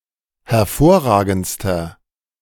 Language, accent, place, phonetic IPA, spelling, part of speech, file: German, Germany, Berlin, [hɛɐ̯ˈfoːɐ̯ˌʁaːɡn̩t͡stɐ], hervorragendster, adjective, De-hervorragendster.ogg
- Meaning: inflection of hervorragend: 1. strong/mixed nominative masculine singular superlative degree 2. strong genitive/dative feminine singular superlative degree 3. strong genitive plural superlative degree